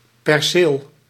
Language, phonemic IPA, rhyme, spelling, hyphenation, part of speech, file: Dutch, /pɛrˈseːl/, -eːl, perceel, per‧ceel, noun, Nl-perceel.ogg
- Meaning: 1. a parcel of land, a plot 2. building premises 3. a building 4. a lot in an auction